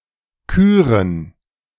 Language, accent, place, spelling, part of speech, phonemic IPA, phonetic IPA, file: German, Germany, Berlin, Küren, noun, /ˈkyːʁən/, [ˈkʰyːʁən], De-Küren.ogg
- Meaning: plural of Kür